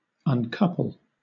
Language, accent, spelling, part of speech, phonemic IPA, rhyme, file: English, Southern England, uncouple, verb, /ʌnˈkʌpəl/, -ʌpəl, LL-Q1860 (eng)-uncouple.wav
- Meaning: 1. To disconnect or detach one thing from another 2. To come loose 3. To loose, as dogs, from their couples